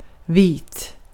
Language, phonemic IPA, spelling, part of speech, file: Swedish, /ˈviːt/, vit, adjective, Sv-vit.ogg
- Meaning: 1. white (having a white color) 2. white (having light skin) 3. signifying honesty and openness 4. dry, without alcohol consumption 5. white (with snow)